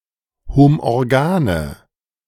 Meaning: inflection of homorgan: 1. strong/mixed nominative/accusative feminine singular 2. strong nominative/accusative plural 3. weak nominative all-gender singular
- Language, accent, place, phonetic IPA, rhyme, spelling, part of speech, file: German, Germany, Berlin, [homʔɔʁˈɡaːnə], -aːnə, homorgane, adjective, De-homorgane.ogg